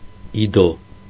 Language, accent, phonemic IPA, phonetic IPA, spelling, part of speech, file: Armenian, Eastern Armenian, /ˈido/, [ído], իդո, noun, Hy-իդո.ogg
- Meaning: Ido (language)